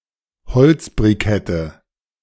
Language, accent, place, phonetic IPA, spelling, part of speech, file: German, Germany, Berlin, [bəˈt͡sɪfɐtəs], beziffertes, adjective, De-beziffertes.ogg
- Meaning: strong/mixed nominative/accusative neuter singular of beziffert